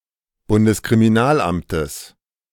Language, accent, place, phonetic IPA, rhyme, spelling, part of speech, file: German, Germany, Berlin, [bʊndəskʁimiˈnaːlˌʔamtəs], -aːlʔamtəs, Bundeskriminalamtes, noun, De-Bundeskriminalamtes.ogg
- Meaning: genitive singular of Bundeskriminalamt